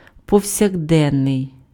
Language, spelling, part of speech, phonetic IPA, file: Ukrainian, повсякденний, adjective, [pɔu̯sʲɐɡˈdɛnːei̯], Uk-повсякденний.ogg
- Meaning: 1. everyday, daily (appropriate for ordinary use, rather than for special occasions) 2. day-to-day (ordinary or mundane) 3. constant, perpetual, permanent